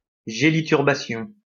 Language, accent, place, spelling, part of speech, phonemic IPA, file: French, France, Lyon, géliturbation, noun, /ʒe.li.tyʁ.ba.sjɔ̃/, LL-Q150 (fra)-géliturbation.wav
- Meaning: congeliturbation